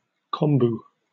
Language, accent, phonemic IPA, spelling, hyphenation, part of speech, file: English, UK, /ˈkɒmbuː/, kombu, kom‧bu, noun, En-uk-kombu.oga
- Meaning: Edible kelp (“a type of brown seaweed”) (from the class Phaeophyceae) used in East Asian cuisine